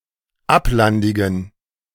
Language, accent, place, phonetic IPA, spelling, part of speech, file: German, Germany, Berlin, [ˈaplandɪɡn̩], ablandigen, adjective, De-ablandigen.ogg
- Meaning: inflection of ablandig: 1. strong genitive masculine/neuter singular 2. weak/mixed genitive/dative all-gender singular 3. strong/weak/mixed accusative masculine singular 4. strong dative plural